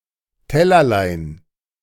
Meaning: diminutive of Teller
- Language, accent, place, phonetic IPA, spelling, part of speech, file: German, Germany, Berlin, [ˈtɛlɐlaɪ̯n], Tellerlein, noun, De-Tellerlein.ogg